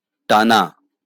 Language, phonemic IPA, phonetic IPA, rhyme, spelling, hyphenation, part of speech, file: Bengali, /ʈa.na/, [ˈʈ̟a.na], -ana, টানা, টা‧না, verb / adjective, LL-Q9610 (ben)-টানা.wav
- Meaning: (verb) to pull, to tug; to drag; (adjective) continuous, nonstop